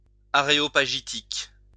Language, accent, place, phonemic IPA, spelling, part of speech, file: French, France, Lyon, /a.ʁe.ɔ.pa.ʒi.tik/, aréopagitique, adjective, LL-Q150 (fra)-aréopagitique.wav
- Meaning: Areopagitic